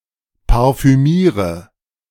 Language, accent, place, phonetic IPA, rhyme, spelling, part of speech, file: German, Germany, Berlin, [paʁfyˈmiːʁə], -iːʁə, parfümiere, verb, De-parfümiere.ogg
- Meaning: inflection of parfümieren: 1. first-person singular present 2. singular imperative 3. first/third-person singular subjunctive I